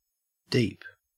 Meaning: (adjective) Extending, reaching or positioned far from a point of reference, especially downwards.: Extending far down from the top, or surface, to the bottom, literally or figuratively
- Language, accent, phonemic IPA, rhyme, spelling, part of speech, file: English, Australia, /diːp/, -iːp, deep, adjective / adverb / noun / verb, En-au-deep.ogg